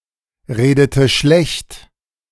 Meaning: inflection of schlechtreden: 1. first/third-person singular preterite 2. first/third-person singular subjunctive II
- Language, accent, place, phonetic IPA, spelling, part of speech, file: German, Germany, Berlin, [ˌʁeːdətə ˈʃlɛçt], redete schlecht, verb, De-redete schlecht.ogg